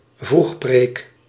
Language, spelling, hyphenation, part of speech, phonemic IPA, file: Dutch, vroegpreek, vroeg‧preek, noun, /ˈvrux.preːk/, Nl-vroegpreek.ogg
- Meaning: 1. a religious service held in the early morning, earlier than a usual morning service 2. a family roof, a large, old-fashioned model of umbrella made of cotton (against rain)